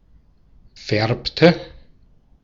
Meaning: inflection of färben: 1. first/third-person singular preterite 2. first/third-person singular subjunctive II
- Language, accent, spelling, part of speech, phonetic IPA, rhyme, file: German, Austria, färbte, verb, [ˈfɛʁptə], -ɛʁptə, De-at-färbte.ogg